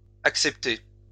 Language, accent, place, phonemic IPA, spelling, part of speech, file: French, France, Lyon, /ak.sɛp.te/, acceptez, verb, LL-Q150 (fra)-acceptez.wav
- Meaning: inflection of accepter: 1. second-person plural present indicative 2. second-person plural imperative